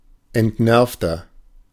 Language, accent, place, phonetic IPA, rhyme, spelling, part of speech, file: German, Germany, Berlin, [ɛntˈnɛʁftɐ], -ɛʁftɐ, entnervter, adjective, De-entnervter.ogg
- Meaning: 1. comparative degree of entnervt 2. inflection of entnervt: strong/mixed nominative masculine singular 3. inflection of entnervt: strong genitive/dative feminine singular